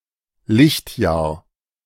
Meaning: light year
- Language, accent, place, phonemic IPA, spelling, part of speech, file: German, Germany, Berlin, /ˈlɪçtˌjaːɐ̯/, Lichtjahr, noun, De-Lichtjahr.ogg